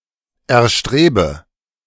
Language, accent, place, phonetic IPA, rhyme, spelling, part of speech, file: German, Germany, Berlin, [ɛɐ̯ˈʃtʁeːbə], -eːbə, erstrebe, verb, De-erstrebe.ogg
- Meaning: inflection of erstreben: 1. first-person singular present 2. first/third-person singular subjunctive I 3. singular imperative